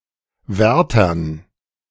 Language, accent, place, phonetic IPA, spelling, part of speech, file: German, Germany, Berlin, [ˈvɛʁtɐn], Wärtern, noun, De-Wärtern.ogg
- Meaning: dative plural of Wärter